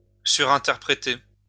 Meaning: to overinterpret, to read too much into something
- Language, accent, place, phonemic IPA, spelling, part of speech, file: French, France, Lyon, /sy.ʁɛ̃.tɛʁ.pʁe.te/, surinterpréter, verb, LL-Q150 (fra)-surinterpréter.wav